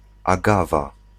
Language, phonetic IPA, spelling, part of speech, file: Polish, [aˈɡava], agawa, noun, Pl-agawa.ogg